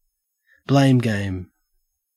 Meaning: A situation in which people attempt to blame others rather than trying to resolve a problem
- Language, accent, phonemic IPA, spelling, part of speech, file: English, Australia, /bleɪm ɡeɪm/, blame game, noun, En-au-blame game.ogg